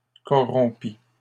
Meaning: first/second-person singular past historic of corrompre
- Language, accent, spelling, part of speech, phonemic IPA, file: French, Canada, corrompis, verb, /kɔ.ʁɔ̃.pi/, LL-Q150 (fra)-corrompis.wav